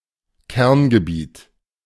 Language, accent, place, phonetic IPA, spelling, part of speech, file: German, Germany, Berlin, [ˈkɛʁnɡəˌbiːt], Kerngebiet, noun, De-Kerngebiet.ogg
- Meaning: 1. core area, central area, core region, core zone, heartland 2. main area, core theme